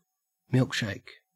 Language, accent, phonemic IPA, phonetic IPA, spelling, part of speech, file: English, Australia, /ˈmɪlk.ʃæɪk/, [ˈmɪɫk.ʃæɪk], milkshake, noun / verb, En-au-milkshake.ogg
- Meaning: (noun) A thick beverage consisting of milk and ice cream mixed together, often with fruit, chocolate, or other flavoring